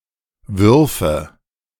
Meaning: first/third-person singular subjunctive II of werfen
- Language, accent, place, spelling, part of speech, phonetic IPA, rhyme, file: German, Germany, Berlin, würfe, verb, [ˈvʏʁfə], -ʏʁfə, De-würfe.ogg